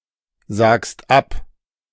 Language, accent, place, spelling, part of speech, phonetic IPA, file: German, Germany, Berlin, sagst ab, verb, [ˌzaːkst ˈap], De-sagst ab.ogg
- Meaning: second-person singular present of absagen